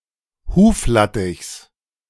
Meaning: genitive singular of Huflattich
- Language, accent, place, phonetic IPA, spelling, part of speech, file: German, Germany, Berlin, [ˈhuːfˌlatɪçs], Huflattichs, noun, De-Huflattichs.ogg